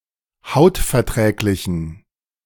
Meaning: inflection of hautverträglich: 1. strong genitive masculine/neuter singular 2. weak/mixed genitive/dative all-gender singular 3. strong/weak/mixed accusative masculine singular 4. strong dative plural
- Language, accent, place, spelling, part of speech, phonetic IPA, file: German, Germany, Berlin, hautverträglichen, adjective, [ˈhaʊ̯tfɛɐ̯ˌtʁɛːklɪçn̩], De-hautverträglichen.ogg